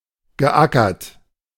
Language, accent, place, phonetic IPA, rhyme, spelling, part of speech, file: German, Germany, Berlin, [ɡəˈʔakɐt], -akɐt, geackert, verb, De-geackert.ogg
- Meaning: past participle of ackern